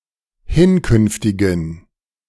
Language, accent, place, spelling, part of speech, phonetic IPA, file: German, Germany, Berlin, hinkünftigen, adjective, [ˈhɪnˌkʏnftɪɡn̩], De-hinkünftigen.ogg
- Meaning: inflection of hinkünftig: 1. strong genitive masculine/neuter singular 2. weak/mixed genitive/dative all-gender singular 3. strong/weak/mixed accusative masculine singular 4. strong dative plural